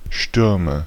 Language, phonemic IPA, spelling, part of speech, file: German, /ˈʃtʏʁmə/, Stürme, noun, De-Stürme.ogg
- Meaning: nominative/accusative/genitive plural of Sturm